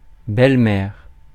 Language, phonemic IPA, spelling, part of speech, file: French, /bɛl.mɛʁ/, belle-mère, noun, Fr-belle-mère.ogg
- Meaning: 1. mother-in-law 2. stepmother 3. a retired politician (male or female) who tries to keep influencing their successors through public or behind-the-scenes interventions